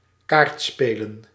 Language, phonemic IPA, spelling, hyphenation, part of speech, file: Dutch, /ˈkaːrtˌspeː.lə(n)/, kaartspelen, kaart‧spe‧len, verb / noun, Nl-kaartspelen.ogg
- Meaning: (verb) to play cards; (noun) plural of kaartspel